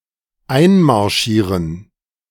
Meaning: to invade
- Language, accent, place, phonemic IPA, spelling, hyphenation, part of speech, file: German, Germany, Berlin, /ˈʔaɪ̯nmaʁˌʃiːʁən/, einmarschieren, ein‧mar‧schie‧ren, verb, De-einmarschieren.ogg